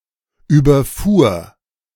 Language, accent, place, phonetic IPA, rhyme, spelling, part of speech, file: German, Germany, Berlin, [yːbɐˈfuːɐ̯], -uːɐ̯, überfuhr, verb, De-überfuhr.ogg
- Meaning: first/third-person singular preterite of überfahren